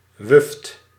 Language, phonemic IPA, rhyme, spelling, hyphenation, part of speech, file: Dutch, /ʋʏft/, -ʏft, wuft, wuft, adjective, Nl-wuft.ogg
- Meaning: 1. frivolous, unserious, playful 2. capricious, whimsical 3. indulgent, sensuous 4. wandering, itinerant